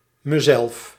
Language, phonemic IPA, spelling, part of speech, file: Dutch, /məˈzɛlf/, mezelf, pronoun, Nl-mezelf.ogg
- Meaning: myself